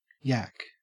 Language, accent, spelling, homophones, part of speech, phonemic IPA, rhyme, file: English, Australia, yak, yack, noun / verb, /jæk/, -æk, En-au-yak.ogg
- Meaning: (noun) An ox-like mammal native to the Himalayas, Mongolia, Myanmar, and Tibet with dark, long, and silky hair, a horse-like tail, and a full, bushy mane